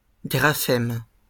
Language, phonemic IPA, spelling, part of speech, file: French, /ɡʁa.fɛm/, graphème, noun, LL-Q150 (fra)-graphème.wav
- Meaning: grapheme